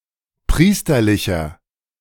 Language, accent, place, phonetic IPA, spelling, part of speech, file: German, Germany, Berlin, [ˈpʁiːstɐlɪçɐ], priesterlicher, adjective, De-priesterlicher.ogg
- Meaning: inflection of priesterlich: 1. strong/mixed nominative masculine singular 2. strong genitive/dative feminine singular 3. strong genitive plural